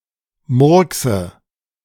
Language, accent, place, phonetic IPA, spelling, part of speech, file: German, Germany, Berlin, [ˈmʊʁksə], murkse, verb, De-murkse.ogg
- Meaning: inflection of murksen: 1. first-person singular present 2. first/third-person singular subjunctive I 3. singular imperative